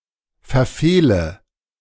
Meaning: inflection of verfehlen: 1. first-person singular present 2. first/third-person singular subjunctive I 3. singular imperative
- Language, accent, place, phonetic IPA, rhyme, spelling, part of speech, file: German, Germany, Berlin, [fɛɐ̯ˈfeːlə], -eːlə, verfehle, verb, De-verfehle.ogg